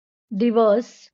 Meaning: day
- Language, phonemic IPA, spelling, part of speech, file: Marathi, /d̪i.ʋəs/, दिवस, noun, LL-Q1571 (mar)-दिवस.wav